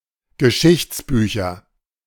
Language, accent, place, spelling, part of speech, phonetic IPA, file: German, Germany, Berlin, Geschichtsbücher, noun, [ɡəˈʃɪçt͡sˌbyːçɐ], De-Geschichtsbücher.ogg
- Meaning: nominative/accusative/genitive plural of Geschichtsbuch